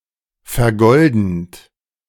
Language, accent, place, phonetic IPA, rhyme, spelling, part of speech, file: German, Germany, Berlin, [fɛɐ̯ˈɡɔldn̩t], -ɔldn̩t, vergoldend, verb, De-vergoldend.ogg
- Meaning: present participle of vergolden